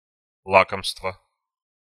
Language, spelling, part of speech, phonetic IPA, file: Russian, лакомство, noun, [ˈɫakəmstvə], Ru-лакомство.ogg
- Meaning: dainty, tidbit; delicacy